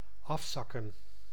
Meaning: 1. to drop down, to come down 2. to sag 3. to decrease, to lessen 4. to slowly disperse, to float away 5. to disperse 6. to sink to a lower level, to fall from grace
- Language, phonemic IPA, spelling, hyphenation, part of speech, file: Dutch, /ˈɑfˌsɑkə(n)/, afzakken, af‧zak‧ken, verb, Nl-afzakken.ogg